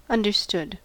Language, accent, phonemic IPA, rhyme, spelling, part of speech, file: English, US, /ʌndɚˈstʊd/, -ʊd, understood, adjective / verb / interjection, En-us-understood.ogg
- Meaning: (adjective) Having been comprehended; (verb) simple past and past participle of understand; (interjection) Indicates comprehension on the part of the speaker